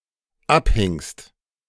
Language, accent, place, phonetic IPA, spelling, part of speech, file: German, Germany, Berlin, [ˈapˌhɪŋst], abhingst, verb, De-abhingst.ogg
- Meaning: second-person singular dependent preterite of abhängen